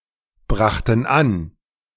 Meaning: first/third-person plural preterite of anbringen
- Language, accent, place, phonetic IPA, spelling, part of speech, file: German, Germany, Berlin, [ˌbʁaxtn̩ ˈan], brachten an, verb, De-brachten an.ogg